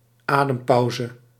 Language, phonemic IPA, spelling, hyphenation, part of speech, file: Dutch, /ˈaː.dəmˌpɑu̯.zə/, adempauze, adem‧pau‧ze, noun, Nl-adempauze.ogg
- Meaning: a breathing space, a breather